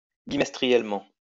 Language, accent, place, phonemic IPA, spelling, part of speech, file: French, France, Lyon, /bi.mɛs.tʁi.jɛl.mɑ̃/, bimestriellement, adverb, LL-Q150 (fra)-bimestriellement.wav
- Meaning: bimonthly, two-monthly